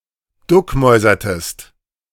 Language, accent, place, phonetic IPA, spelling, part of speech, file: German, Germany, Berlin, [ˈdʊkˌmɔɪ̯zɐtəst], duckmäusertest, verb, De-duckmäusertest.ogg
- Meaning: inflection of duckmäusern: 1. second-person singular preterite 2. second-person singular subjunctive II